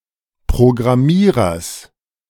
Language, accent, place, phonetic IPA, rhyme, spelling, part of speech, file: German, Germany, Berlin, [pʁoɡʁaˈmiːʁɐs], -iːʁɐs, Programmierers, noun, De-Programmierers.ogg
- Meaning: genitive singular of Programmierer